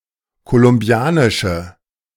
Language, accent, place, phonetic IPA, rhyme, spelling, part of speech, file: German, Germany, Berlin, [kolʊmˈbi̯aːnɪʃə], -aːnɪʃə, kolumbianische, adjective, De-kolumbianische.ogg
- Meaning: inflection of kolumbianisch: 1. strong/mixed nominative/accusative feminine singular 2. strong nominative/accusative plural 3. weak nominative all-gender singular